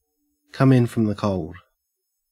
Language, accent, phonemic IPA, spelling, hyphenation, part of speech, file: English, Australia, /ˈkɐm ˌɪn fɹəm ðə ˈkəʉ̯ld/, come in from the cold, come in from the cold, verb, En-au-come in from the cold.ogg
- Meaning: 1. Of a spy: to return home after having gone undercover in enemy territory 2. To gain widespread acceptance in a group or society, especially where there was not any before